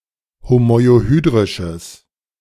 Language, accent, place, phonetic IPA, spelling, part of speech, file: German, Germany, Berlin, [homɔɪ̯oˈhyːdʁɪʃəs], homoiohydrisches, adjective, De-homoiohydrisches.ogg
- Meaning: strong/mixed nominative/accusative neuter singular of homoiohydrisch